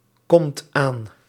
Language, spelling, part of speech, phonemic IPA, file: Dutch, komt aan, verb, /ˈkɔmt ˈan/, Nl-komt aan.ogg
- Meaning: inflection of aankomen: 1. second/third-person singular present indicative 2. plural imperative